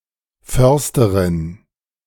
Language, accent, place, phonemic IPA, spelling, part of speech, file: German, Germany, Berlin, /ˈfœʁstɐʁɪn/, Försterin, noun, De-Försterin.ogg
- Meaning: forester (female) (a person who practices forestry)